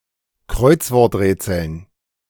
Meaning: dative plural of Kreuzworträtsel
- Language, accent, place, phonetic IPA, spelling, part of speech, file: German, Germany, Berlin, [ˈkʁɔɪ̯t͡svɔʁtˌʁɛːt͡sl̩n], Kreuzworträtseln, noun, De-Kreuzworträtseln.ogg